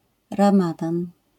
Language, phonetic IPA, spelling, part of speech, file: Polish, [rãˈmadãn], ramadan, noun, LL-Q809 (pol)-ramadan.wav